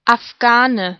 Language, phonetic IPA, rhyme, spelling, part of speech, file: German, [afˈɡaːnə], -aːnə, Afghane, noun, De-Afghane.ogg
- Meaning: 1. Afghan (person from Afghanistan or of Pashtun descent) 2. synonym of Afghanischer Windhund 3. synonym of Schwarzer Afghane (type of hashish)